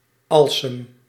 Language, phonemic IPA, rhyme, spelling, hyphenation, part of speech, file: Dutch, /ˈɑl.səm/, -ɑlsəm, alsem, al‧sem, noun, Nl-alsem.ogg
- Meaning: 1. artemisia (any herb of the genus Artemisia) 2. synonym of absintalsem (“wormwood, Arthemisia absinthium”) 3. the buds and flowers of artemisia plants, used as a herb